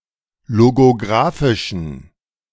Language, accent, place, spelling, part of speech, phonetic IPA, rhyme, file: German, Germany, Berlin, logografischen, adjective, [loɡoˈɡʁaːfɪʃn̩], -aːfɪʃn̩, De-logografischen.ogg
- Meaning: inflection of logografisch: 1. strong genitive masculine/neuter singular 2. weak/mixed genitive/dative all-gender singular 3. strong/weak/mixed accusative masculine singular 4. strong dative plural